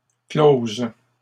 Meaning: third-person plural present indicative of clore
- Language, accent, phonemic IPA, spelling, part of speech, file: French, Canada, /kloz/, closent, verb, LL-Q150 (fra)-closent.wav